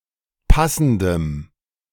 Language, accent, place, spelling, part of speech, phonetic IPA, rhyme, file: German, Germany, Berlin, passendem, adjective, [ˈpasn̩dəm], -asn̩dəm, De-passendem.ogg
- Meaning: strong dative masculine/neuter singular of passend